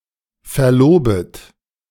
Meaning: second-person plural subjunctive I of verloben
- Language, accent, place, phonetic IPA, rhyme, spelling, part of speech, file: German, Germany, Berlin, [fɛɐ̯ˈloːbət], -oːbət, verlobet, verb, De-verlobet.ogg